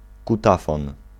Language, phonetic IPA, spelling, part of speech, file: Polish, [kuˈtafɔ̃n], kutafon, noun, Pl-kutafon.ogg